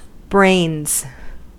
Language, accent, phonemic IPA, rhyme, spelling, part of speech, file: English, US, /bɹeɪnz/, -eɪnz, brains, noun / verb, En-us-brains.ogg
- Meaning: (noun) 1. plural of brain 2. The substance of a brain, as a material or foodstuff 3. The figurative substance of a brain: mental ability, intelligence